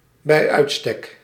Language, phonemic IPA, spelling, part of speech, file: Dutch, /bɛi̯ ˈœy̯t.stɛk/, bij uitstek, prepositional phrase, Nl-bij uitstek.ogg
- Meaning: par excellence